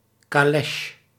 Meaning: 1. light, four-wheeled, horse-drawn open carriage with a low wheelbase and a large distance between front and rear axles 2. wide bonnet
- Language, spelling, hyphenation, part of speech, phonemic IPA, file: Dutch, calèche, ca‧lè‧che, noun, /kaːˈlɛʃ/, Nl-calèche.ogg